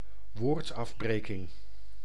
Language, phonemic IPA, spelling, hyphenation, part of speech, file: Dutch, /ˈʋoːrt.ˌɑv.breːkɪŋ/, woordafbreking, woord‧af‧bre‧king, noun, Nl-woordafbreking.ogg
- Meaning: 1. word break, word division 2. syllabification